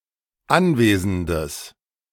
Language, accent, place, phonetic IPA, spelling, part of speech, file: German, Germany, Berlin, [ˈanˌveːzn̩dəs], anwesendes, adjective, De-anwesendes.ogg
- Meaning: strong/mixed nominative/accusative neuter singular of anwesend